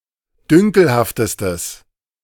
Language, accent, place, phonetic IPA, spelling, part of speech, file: German, Germany, Berlin, [ˈdʏŋkl̩haftəstəs], dünkelhaftestes, adjective, De-dünkelhaftestes.ogg
- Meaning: strong/mixed nominative/accusative neuter singular superlative degree of dünkelhaft